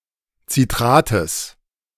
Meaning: genitive singular of Citrat
- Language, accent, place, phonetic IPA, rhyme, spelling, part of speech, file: German, Germany, Berlin, [t͡siˈtʁaːtəs], -aːtəs, Citrates, noun, De-Citrates.ogg